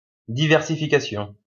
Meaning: diversification
- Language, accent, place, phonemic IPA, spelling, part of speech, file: French, France, Lyon, /di.vɛʁ.si.fi.ka.sjɔ̃/, diversification, noun, LL-Q150 (fra)-diversification.wav